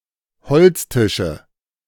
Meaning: nominative/accusative/genitive plural of Holztisch
- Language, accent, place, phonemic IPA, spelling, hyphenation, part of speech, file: German, Germany, Berlin, /ˈhɔlt͡sˌtɪʃə/, Holztische, Holz‧ti‧sche, noun, De-Holztische.ogg